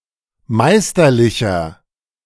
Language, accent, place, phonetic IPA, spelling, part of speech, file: German, Germany, Berlin, [ˈmaɪ̯stɐˌlɪçɐ], meisterlicher, adjective, De-meisterlicher.ogg
- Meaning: 1. comparative degree of meisterlich 2. inflection of meisterlich: strong/mixed nominative masculine singular 3. inflection of meisterlich: strong genitive/dative feminine singular